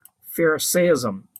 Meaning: The doctrines and practices, or the character and spirit, of the Pharisees
- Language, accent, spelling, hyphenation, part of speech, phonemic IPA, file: English, General American, pharisaism, pha‧ri‧sa‧ism, noun, /ˈfɛɹ.əˌseɪˌɪz.əm/, En-us-pharisaism.opus